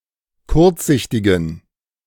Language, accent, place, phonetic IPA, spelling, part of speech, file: German, Germany, Berlin, [ˈkʊʁt͡sˌzɪçtɪɡn̩], kurzsichtigen, adjective, De-kurzsichtigen.ogg
- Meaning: inflection of kurzsichtig: 1. strong genitive masculine/neuter singular 2. weak/mixed genitive/dative all-gender singular 3. strong/weak/mixed accusative masculine singular 4. strong dative plural